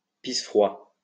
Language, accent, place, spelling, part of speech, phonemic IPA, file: French, France, Lyon, pisse-froid, noun, /pis.fʁwa/, LL-Q150 (fra)-pisse-froid.wav
- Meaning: a cold fish, a wet blanket